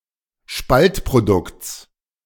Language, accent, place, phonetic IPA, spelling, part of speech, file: German, Germany, Berlin, [ˈʃpaltpʁoˌdʊkt͡s], Spaltprodukts, noun, De-Spaltprodukts.ogg
- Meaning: genitive singular of Spaltprodukt